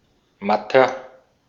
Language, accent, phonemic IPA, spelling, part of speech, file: German, Austria, /ˈmatɐ/, matter, adjective, De-at-matter.ogg
- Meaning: 1. comparative degree of matt 2. inflection of matt: strong/mixed nominative masculine singular 3. inflection of matt: strong genitive/dative feminine singular